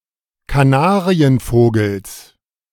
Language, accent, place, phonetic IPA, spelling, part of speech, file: German, Germany, Berlin, [kaˈnaːʁiənˌfoːɡl̩s], Kanarienvogels, noun, De-Kanarienvogels.ogg
- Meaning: genitive singular of Kanarienvogel